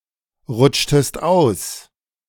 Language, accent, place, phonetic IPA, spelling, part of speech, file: German, Germany, Berlin, [ˌʁʊt͡ʃtəst ˈaʊ̯s], rutschtest aus, verb, De-rutschtest aus.ogg
- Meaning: inflection of ausrutschen: 1. second-person singular preterite 2. second-person singular subjunctive II